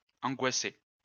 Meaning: to stress, to worry; to cause panic or fear
- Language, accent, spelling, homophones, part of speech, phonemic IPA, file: French, France, angoisser, angoissai / angoissé / angoissée / angoissées / angoissés / angoissez, verb, /ɑ̃.ɡwa.se/, LL-Q150 (fra)-angoisser.wav